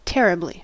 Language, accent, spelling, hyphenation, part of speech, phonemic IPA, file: English, US, terribly, ter‧ri‧bly, adverb, /ˈtɛɹ.ɪ.bli/, En-us-terribly.ogg
- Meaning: 1. So as to cause terror or awe 2. Very; extremely 3. Very badly